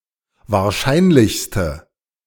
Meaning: inflection of wahrscheinlich: 1. strong/mixed nominative/accusative feminine singular superlative degree 2. strong nominative/accusative plural superlative degree
- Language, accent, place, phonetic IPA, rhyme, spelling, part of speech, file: German, Germany, Berlin, [vaːɐ̯ˈʃaɪ̯nlɪçstə], -aɪ̯nlɪçstə, wahrscheinlichste, adjective, De-wahrscheinlichste.ogg